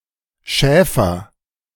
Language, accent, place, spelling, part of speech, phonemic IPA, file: German, Germany, Berlin, Schäfer, noun / proper noun, /ˈʃɛːfər/, De-Schäfer.ogg
- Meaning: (noun) shepherd; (proper noun) a surname originating as an occupation, equivalent to English Shepherd